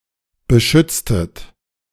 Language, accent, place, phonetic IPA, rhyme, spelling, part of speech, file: German, Germany, Berlin, [bəˈʃʏt͡stət], -ʏt͡stət, beschütztet, verb, De-beschütztet.ogg
- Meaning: inflection of beschützen: 1. second-person plural preterite 2. second-person plural subjunctive II